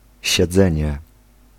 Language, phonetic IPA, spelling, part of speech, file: Polish, [ɕɛˈd͡zɛ̃ɲɛ], siedzenie, noun, Pl-siedzenie.ogg